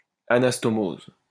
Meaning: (noun) anastomosis; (verb) inflection of anastomoser: 1. first/third-person singular present indicative/subjunctive 2. second-person singular imperative
- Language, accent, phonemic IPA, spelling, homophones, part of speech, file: French, France, /a.nas.tɔ.moz/, anastomose, anastomosent / anastomoses, noun / verb, LL-Q150 (fra)-anastomose.wav